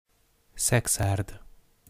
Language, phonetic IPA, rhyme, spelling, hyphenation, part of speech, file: Hungarian, [ˈsɛksaːrd], -aːrd, Szekszárd, Szek‧szárd, proper noun, Szekszard.ogg
- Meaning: a city in Hungary